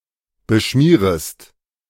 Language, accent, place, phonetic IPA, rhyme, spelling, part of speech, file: German, Germany, Berlin, [bəˈʃmiːʁəst], -iːʁəst, beschmierest, verb, De-beschmierest.ogg
- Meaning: second-person singular subjunctive I of beschmieren